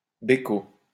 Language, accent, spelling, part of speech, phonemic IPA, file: French, France, bécot, noun, /be.ko/, LL-Q150 (fra)-bécot.wav
- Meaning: peck (small kiss)